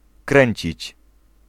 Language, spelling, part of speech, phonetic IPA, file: Polish, kręcić, verb, [ˈkrɛ̃ɲt͡ɕit͡ɕ], Pl-kręcić.ogg